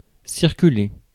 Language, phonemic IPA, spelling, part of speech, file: French, /siʁ.ky.le/, circuler, verb, Fr-circuler.ogg
- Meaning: 1. to circulate 2. to go by, to get around